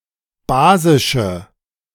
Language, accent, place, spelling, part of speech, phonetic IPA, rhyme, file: German, Germany, Berlin, basische, adjective, [ˈbaːzɪʃə], -aːzɪʃə, De-basische.ogg
- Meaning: inflection of basisch: 1. strong/mixed nominative/accusative feminine singular 2. strong nominative/accusative plural 3. weak nominative all-gender singular 4. weak accusative feminine/neuter singular